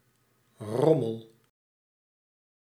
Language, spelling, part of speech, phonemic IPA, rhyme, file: Dutch, rommel, noun / verb, /ˈrɔməl/, -ɔməl, Nl-rommel.ogg
- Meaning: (noun) 1. junk, low-quality stuff 2. mess, disorder; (verb) inflection of rommelen: 1. first-person singular present indicative 2. second-person singular present indicative 3. imperative